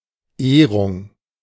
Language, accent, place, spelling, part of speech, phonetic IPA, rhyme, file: German, Germany, Berlin, Ehrung, noun, [ˈeːʁʊŋ], -eːʁʊŋ, De-Ehrung.ogg
- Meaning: 1. recognition 2. honour